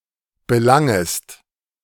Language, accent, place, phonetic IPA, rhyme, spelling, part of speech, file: German, Germany, Berlin, [bəˈlaŋəst], -aŋəst, belangest, verb, De-belangest.ogg
- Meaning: second-person singular subjunctive I of belangen